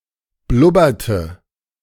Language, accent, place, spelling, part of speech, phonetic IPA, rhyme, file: German, Germany, Berlin, blubberte, verb, [ˈblʊbɐtə], -ʊbɐtə, De-blubberte.ogg
- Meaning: inflection of blubbern: 1. first/third-person singular preterite 2. first/third-person singular subjunctive II